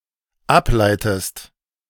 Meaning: inflection of ableiten: 1. second-person singular dependent present 2. second-person singular dependent subjunctive I
- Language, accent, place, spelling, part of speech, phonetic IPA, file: German, Germany, Berlin, ableitest, verb, [ˈapˌlaɪ̯təst], De-ableitest.ogg